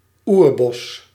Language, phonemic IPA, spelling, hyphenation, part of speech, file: Dutch, /ˈuːr.bɔs/, oerbos, oer‧bos, noun, Nl-oerbos.ogg
- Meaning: virgin forest, old-growth forest